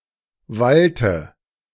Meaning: inflection of wallen: 1. first/third-person singular preterite 2. first/third-person singular subjunctive II
- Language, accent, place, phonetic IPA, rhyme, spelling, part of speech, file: German, Germany, Berlin, [ˈvaltə], -altə, wallte, verb, De-wallte.ogg